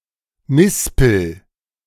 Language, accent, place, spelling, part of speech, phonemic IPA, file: German, Germany, Berlin, Mispel, noun, /ˈmɪspl̩/, De-Mispel.ogg
- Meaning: medlar